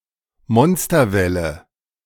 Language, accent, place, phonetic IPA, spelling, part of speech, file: German, Germany, Berlin, [ˈmɔnstɐˌvɛlə], Monsterwelle, noun, De-Monsterwelle.ogg
- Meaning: rogue wave